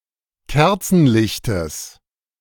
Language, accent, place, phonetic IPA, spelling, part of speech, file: German, Germany, Berlin, [ˈkɛʁt͡sn̩ˌlɪçtəs], Kerzenlichtes, noun, De-Kerzenlichtes.ogg
- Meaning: genitive of Kerzenlicht